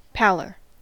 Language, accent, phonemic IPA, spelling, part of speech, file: English, US, /ˈpælɚ/, pallor, noun, En-us-pallor.ogg
- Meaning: Unnatural paleness, especially as a sign of sickness or distress